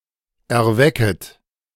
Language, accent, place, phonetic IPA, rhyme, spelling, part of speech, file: German, Germany, Berlin, [ɛɐ̯ˈvɛkət], -ɛkət, erwecket, verb, De-erwecket.ogg
- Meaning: second-person plural subjunctive I of erwecken